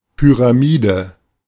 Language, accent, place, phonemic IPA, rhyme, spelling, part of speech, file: German, Germany, Berlin, /pyraˈmiːdə/, -iːdə, Pyramide, noun, De-Pyramide.ogg
- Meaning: pyramid